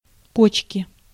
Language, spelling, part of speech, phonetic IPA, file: Russian, почки, noun, [ˈpot͡ɕkʲɪ], Ru-почки.ogg
- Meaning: inflection of по́чка (póčka): 1. genitive singular 2. nominative/accusative plural